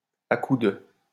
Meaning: alternative spelling of à coups de
- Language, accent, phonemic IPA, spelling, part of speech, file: French, France, /a ku də/, à coup de, preposition, LL-Q150 (fra)-à coup de.wav